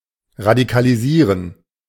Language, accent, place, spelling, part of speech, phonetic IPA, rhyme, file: German, Germany, Berlin, radikalisieren, verb, [ʁadikaliˈziːʁən], -iːʁən, De-radikalisieren.ogg
- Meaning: to radicalize, to radicalise